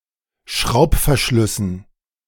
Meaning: dative plural of Schraubverschluss
- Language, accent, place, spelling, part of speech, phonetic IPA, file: German, Germany, Berlin, Schraubverschlüssen, noun, [ˈʃʁaʊ̯pfɛɐ̯ˌʃlʏsn̩], De-Schraubverschlüssen.ogg